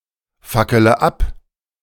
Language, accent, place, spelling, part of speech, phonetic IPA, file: German, Germany, Berlin, fackele ab, verb, [ˌfakələ ˈap], De-fackele ab.ogg
- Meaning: inflection of abfackeln: 1. first-person singular present 2. first/third-person singular subjunctive I 3. singular imperative